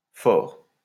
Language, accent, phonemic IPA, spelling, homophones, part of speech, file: French, France, /fɔʁ/, for, fort, noun, LL-Q150 (fra)-for.wav
- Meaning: only used in for intérieur